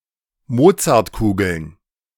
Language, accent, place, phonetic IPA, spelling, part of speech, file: German, Germany, Berlin, [ˈmoːt͡saʁtˌkuːɡl̩n], Mozartkugeln, noun, De-Mozartkugeln.ogg
- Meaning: plural of Mozartkugel